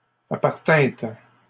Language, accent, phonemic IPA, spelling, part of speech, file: French, Canada, /a.paʁ.tɛ̃t/, appartîntes, verb, LL-Q150 (fra)-appartîntes.wav
- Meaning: second-person plural past historic of appartenir